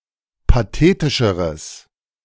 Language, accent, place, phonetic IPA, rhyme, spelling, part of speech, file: German, Germany, Berlin, [paˈteːtɪʃəʁəs], -eːtɪʃəʁəs, pathetischeres, adjective, De-pathetischeres.ogg
- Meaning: strong/mixed nominative/accusative neuter singular comparative degree of pathetisch